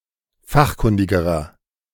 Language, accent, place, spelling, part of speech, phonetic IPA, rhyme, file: German, Germany, Berlin, fachkundigerer, adjective, [ˈfaxˌkʊndɪɡəʁɐ], -axkʊndɪɡəʁɐ, De-fachkundigerer.ogg
- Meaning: inflection of fachkundig: 1. strong/mixed nominative masculine singular comparative degree 2. strong genitive/dative feminine singular comparative degree 3. strong genitive plural comparative degree